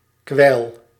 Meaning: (noun) drool, saliva; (verb) inflection of kwijlen: 1. first-person singular present indicative 2. second-person singular present indicative 3. imperative
- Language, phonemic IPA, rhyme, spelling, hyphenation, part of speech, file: Dutch, /kʋɛi̯l/, -ɛi̯l, kwijl, kwijl, noun / verb, Nl-kwijl.ogg